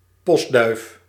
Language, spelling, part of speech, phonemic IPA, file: Dutch, postduif, noun, /ˈpɔsdœyf/, Nl-postduif.ogg
- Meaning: a homing pigeon, domesticated dove used as message courier